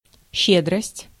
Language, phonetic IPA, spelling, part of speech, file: Russian, [ˈɕːedrəsʲtʲ], щедрость, noun, Ru-щедрость.ogg
- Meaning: generosity, largess (the trait of being willing to give your money and/or time)